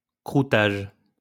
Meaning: crusting (of bread)
- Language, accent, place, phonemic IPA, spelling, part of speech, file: French, France, Lyon, /kʁu.taʒ/, croûtage, noun, LL-Q150 (fra)-croûtage.wav